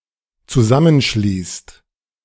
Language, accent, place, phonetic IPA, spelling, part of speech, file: German, Germany, Berlin, [t͡suˈzamənˌʃliːst], zusammenschließt, verb, De-zusammenschließt.ogg
- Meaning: inflection of zusammenschließen: 1. second/third-person singular dependent present 2. first/second/third-person plural dependent present